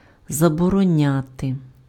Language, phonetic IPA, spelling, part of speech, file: Ukrainian, [zɐbɔrɔˈnʲate], забороняти, verb, Uk-забороняти.ogg
- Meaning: to forbid, to prohibit, to ban